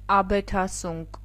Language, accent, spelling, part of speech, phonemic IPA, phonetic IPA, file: Armenian, Eastern Armenian, աբեթասունկ, noun, /ɑbetʰɑˈsunk/, [ɑbetʰɑsúŋk], Hy-աբեթասունկ.ogg
- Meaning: Any of various fungi of the obsolete order Aphyllophorales growing on wood, especially in the family Polyporaceae; bracket fungus; polypore